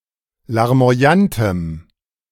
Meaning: strong dative masculine/neuter singular of larmoyant
- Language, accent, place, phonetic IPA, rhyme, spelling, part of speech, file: German, Germany, Berlin, [laʁmo̯aˈjantəm], -antəm, larmoyantem, adjective, De-larmoyantem.ogg